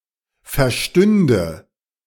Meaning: first/third-person singular subjunctive II of verstehen
- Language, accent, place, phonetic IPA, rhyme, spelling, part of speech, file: German, Germany, Berlin, [fɛɐ̯ˈʃtʏndə], -ʏndə, verstünde, verb, De-verstünde.ogg